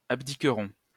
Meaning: first-person plural future of abdiquer
- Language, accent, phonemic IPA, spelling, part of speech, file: French, France, /ab.di.kʁɔ̃/, abdiquerons, verb, LL-Q150 (fra)-abdiquerons.wav